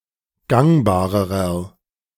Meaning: inflection of gangbar: 1. strong/mixed nominative masculine singular comparative degree 2. strong genitive/dative feminine singular comparative degree 3. strong genitive plural comparative degree
- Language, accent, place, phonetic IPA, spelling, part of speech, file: German, Germany, Berlin, [ˈɡaŋbaːʁəʁɐ], gangbarerer, adjective, De-gangbarerer.ogg